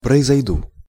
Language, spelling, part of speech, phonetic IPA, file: Russian, произойду, verb, [prəɪzɐjˈdu], Ru-произойду.ogg
- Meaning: first-person singular future indicative perfective of произойти́ (proizojtí)